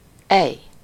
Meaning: 1. indicates anger, like when telling someone off 2. indicates surprise
- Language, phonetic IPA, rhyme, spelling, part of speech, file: Hungarian, [ˈɛj], -ɛj, ej, interjection, Hu-ej.ogg